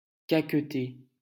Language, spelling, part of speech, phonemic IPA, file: French, caqueter, verb, /ka.k(ə).te/, LL-Q150 (fra)-caqueter.wav
- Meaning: 1. to cackle 2. to prattle